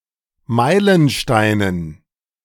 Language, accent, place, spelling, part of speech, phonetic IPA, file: German, Germany, Berlin, Meilensteinen, noun, [ˈmaɪ̯lənˌʃtaɪ̯nən], De-Meilensteinen.ogg
- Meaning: dative plural of Meilenstein